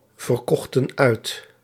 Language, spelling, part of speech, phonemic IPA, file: Dutch, verkochten uit, verb, /vərˈkɔxtə(n)ˈœy̯t/, Nl-verkochten uit.ogg
- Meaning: inflection of uitverkopen: 1. plural past indicative 2. plural past subjunctive